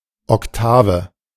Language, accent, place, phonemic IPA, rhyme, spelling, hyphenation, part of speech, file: German, Germany, Berlin, /ɔkˈtaːvə/, -aːvə, Oktave, Ok‧ta‧ve, noun, De-Oktave.ogg
- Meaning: 1. An interval of 12 semitones; an octave 2. ottava rima